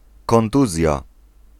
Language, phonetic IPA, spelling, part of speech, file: Polish, [kɔ̃nˈtuzʲja], kontuzja, noun, Pl-kontuzja.ogg